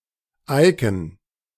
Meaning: computer icon
- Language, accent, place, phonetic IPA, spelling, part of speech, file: German, Germany, Berlin, [ˈaɪ̯kn̩], Icon, noun, De-Icon.ogg